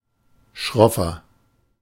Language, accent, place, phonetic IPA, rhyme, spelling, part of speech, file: German, Germany, Berlin, [ˈʃʁɔfɐ], -ɔfɐ, schroffer, adjective, De-schroffer.ogg
- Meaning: inflection of schroff: 1. strong/mixed nominative masculine singular 2. strong genitive/dative feminine singular 3. strong genitive plural